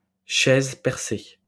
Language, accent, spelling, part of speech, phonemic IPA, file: French, France, chaise percée, noun, /ʃɛz pɛʁ.se/, LL-Q150 (fra)-chaise percée.wav
- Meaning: commode (chair containing a chamber pot)